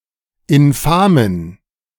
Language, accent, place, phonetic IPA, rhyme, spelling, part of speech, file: German, Germany, Berlin, [ɪnˈfaːmən], -aːmən, infamen, adjective, De-infamen.ogg
- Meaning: inflection of infam: 1. strong genitive masculine/neuter singular 2. weak/mixed genitive/dative all-gender singular 3. strong/weak/mixed accusative masculine singular 4. strong dative plural